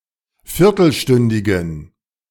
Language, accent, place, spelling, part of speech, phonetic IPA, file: German, Germany, Berlin, viertelstündigen, adjective, [ˈfɪʁtl̩ˌʃtʏndɪɡn̩], De-viertelstündigen.ogg
- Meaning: inflection of viertelstündig: 1. strong genitive masculine/neuter singular 2. weak/mixed genitive/dative all-gender singular 3. strong/weak/mixed accusative masculine singular 4. strong dative plural